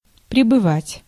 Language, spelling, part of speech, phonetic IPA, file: Russian, прибывать, verb, [prʲɪbɨˈvatʲ], Ru-прибывать.ogg
- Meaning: 1. to arrive 2. to increase, to rise, to grow 3. to rise, to swell (water), to wax (moon)